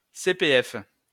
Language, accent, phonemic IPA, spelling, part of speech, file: French, France, /se.pe.ɛf/, CPF, noun, LL-Q150 (fra)-CPF.wav
- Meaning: initialism of compte personnel de formation